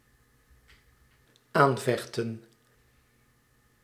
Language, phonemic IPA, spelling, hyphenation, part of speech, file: Dutch, /ˈaːnˌvɛxtə(n)/, aanvechten, aan‧vech‧ten, verb, Nl-aanvechten.ogg
- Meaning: 1. to contest, to dispute 2. to oppose, to take on 3. to tempt